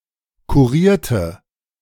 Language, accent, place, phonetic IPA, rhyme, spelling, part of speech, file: German, Germany, Berlin, [kuˈʁiːɐ̯tə], -iːɐ̯tə, kurierte, adjective / verb, De-kurierte.ogg
- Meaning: inflection of kurieren: 1. first/third-person singular preterite 2. first/third-person singular subjunctive II